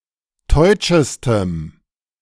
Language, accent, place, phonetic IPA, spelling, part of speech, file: German, Germany, Berlin, [ˈtɔɪ̯t͡ʃəstəm], teutschestem, adjective, De-teutschestem.ogg
- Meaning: strong dative masculine/neuter singular superlative degree of teutsch